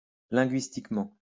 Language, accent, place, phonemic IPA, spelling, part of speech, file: French, France, Lyon, /lɛ̃.ɡɥis.tik.mɑ̃/, linguistiquement, adverb, LL-Q150 (fra)-linguistiquement.wav
- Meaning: linguistically